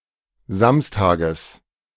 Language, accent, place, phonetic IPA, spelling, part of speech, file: German, Germany, Berlin, [ˈzamstaːɡəs], Samstages, noun, De-Samstages.ogg
- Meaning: genitive singular of Samstag